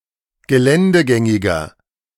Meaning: 1. comparative degree of geländegängig 2. inflection of geländegängig: strong/mixed nominative masculine singular 3. inflection of geländegängig: strong genitive/dative feminine singular
- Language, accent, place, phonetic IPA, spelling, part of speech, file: German, Germany, Berlin, [ɡəˈlɛndəˌɡɛŋɪɡɐ], geländegängiger, adjective, De-geländegängiger.ogg